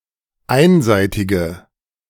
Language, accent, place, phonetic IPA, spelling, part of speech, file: German, Germany, Berlin, [ˈaɪ̯nˌzaɪ̯tɪɡə], einseitige, adjective, De-einseitige.ogg
- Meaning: inflection of einseitig: 1. strong/mixed nominative/accusative feminine singular 2. strong nominative/accusative plural 3. weak nominative all-gender singular